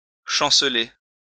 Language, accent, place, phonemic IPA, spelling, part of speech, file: French, France, Lyon, /ʃɑ̃.sle/, chanceler, verb, LL-Q150 (fra)-chanceler.wav
- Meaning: 1. to stagger, totter, reel 2. to wobble 3. to falter, waver (of resolve etc.)